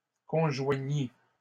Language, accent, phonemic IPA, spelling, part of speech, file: French, Canada, /kɔ̃.ʒwa.ɲi/, conjoignît, verb, LL-Q150 (fra)-conjoignît.wav
- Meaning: third-person singular imperfect subjunctive of conjoindre